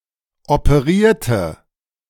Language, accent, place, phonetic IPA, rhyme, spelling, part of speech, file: German, Germany, Berlin, [opəˈʁiːɐ̯tə], -iːɐ̯tə, operierte, adjective / verb, De-operierte.ogg
- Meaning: inflection of operieren: 1. first/third-person singular preterite 2. first/third-person singular subjunctive II